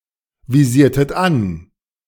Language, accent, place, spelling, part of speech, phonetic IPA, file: German, Germany, Berlin, visiertet an, verb, [viˌziːɐ̯tət ˈan], De-visiertet an.ogg
- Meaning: inflection of anvisieren: 1. second-person plural preterite 2. second-person plural subjunctive II